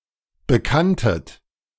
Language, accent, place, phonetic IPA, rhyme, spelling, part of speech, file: German, Germany, Berlin, [bəˈkantət], -antət, bekanntet, verb, De-bekanntet.ogg
- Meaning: second-person plural preterite of bekennen